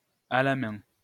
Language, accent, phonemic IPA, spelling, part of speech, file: French, France, /a la mɛ̃/, à la main, adverb, LL-Q150 (fra)-à la main.wav
- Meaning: 1. by hand, manually 2. in one's hand